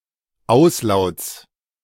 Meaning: genitive singular of Auslaut
- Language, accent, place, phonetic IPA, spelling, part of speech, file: German, Germany, Berlin, [ˈaʊ̯sˌlaʊ̯t͡s], Auslauts, noun, De-Auslauts.ogg